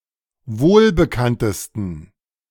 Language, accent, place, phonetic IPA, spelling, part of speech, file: German, Germany, Berlin, [ˈvoːlbəˌkantəstn̩], wohlbekanntesten, adjective, De-wohlbekanntesten.ogg
- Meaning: 1. superlative degree of wohlbekannt 2. inflection of wohlbekannt: strong genitive masculine/neuter singular superlative degree